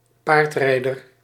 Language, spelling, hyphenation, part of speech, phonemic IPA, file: Dutch, paardrijder, paard‧rij‧der, noun, /ˈpaːrtˌrɛi̯.dər/, Nl-paardrijder.ogg
- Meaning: a horserider, an equestrian